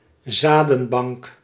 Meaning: a seed bank, a seed vault
- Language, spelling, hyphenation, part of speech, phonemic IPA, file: Dutch, zadenbank, za‧den‧bank, noun, /ˈzaː.də(n)ˌbɑŋk/, Nl-zadenbank.ogg